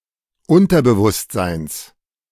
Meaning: genitive singular of Unterbewusstsein
- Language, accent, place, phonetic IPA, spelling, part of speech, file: German, Germany, Berlin, [ˈʊntɐbəvʊstzaɪ̯ns], Unterbewusstseins, noun, De-Unterbewusstseins.ogg